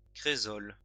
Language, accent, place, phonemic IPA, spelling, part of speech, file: French, France, Lyon, /kʁe.zɔl/, crésol, noun, LL-Q150 (fra)-crésol.wav
- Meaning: cresol